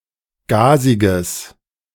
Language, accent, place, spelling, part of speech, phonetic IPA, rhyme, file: German, Germany, Berlin, gasiges, adjective, [ˈɡaːzɪɡəs], -aːzɪɡəs, De-gasiges.ogg
- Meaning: strong/mixed nominative/accusative neuter singular of gasig